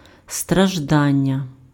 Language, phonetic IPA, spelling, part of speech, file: Ukrainian, [strɐʒˈdanʲːɐ], страждання, noun, Uk-страждання.ogg
- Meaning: verbal noun of стражда́ти impf (straždáty): suffering